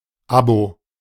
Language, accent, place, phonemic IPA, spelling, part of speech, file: German, Germany, Berlin, /ˈabo/, Abo, noun, De-Abo.ogg
- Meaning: clipping of Abonnement (“subscription”)